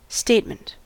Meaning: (noun) 1. A declaration or remark 2. A presentation of opinion or position 3. A document that summarizes financial activity
- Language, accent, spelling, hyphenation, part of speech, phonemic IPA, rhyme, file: English, General American, statement, state‧ment, noun / adjective / verb, /ˈsteɪtmənt/, -eɪtmənt, En-us-statement.ogg